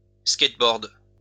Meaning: 1. skateboarding 2. skateboard
- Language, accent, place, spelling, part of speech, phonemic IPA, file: French, France, Lyon, skateboard, noun, /skɛt.bɔʁd/, LL-Q150 (fra)-skateboard.wav